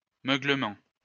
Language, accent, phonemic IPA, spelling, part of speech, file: French, France, /mø.ɡlə.mɑ̃/, meuglement, noun, LL-Q150 (fra)-meuglement.wav
- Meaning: a moo